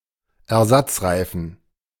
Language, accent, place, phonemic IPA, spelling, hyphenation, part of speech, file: German, Germany, Berlin, /ɛɐ̯ˈzat͡sˌʁaɪ̯fn̩/, Ersatzreifen, Er‧satz‧rei‧fen, noun, De-Ersatzreifen.ogg
- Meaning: spare tyre, spare tire